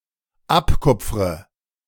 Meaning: inflection of abkupfern: 1. first-person singular dependent present 2. first/third-person singular dependent subjunctive I
- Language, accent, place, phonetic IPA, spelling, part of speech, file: German, Germany, Berlin, [ˈapˌkʊp͡fʁə], abkupfre, verb, De-abkupfre.ogg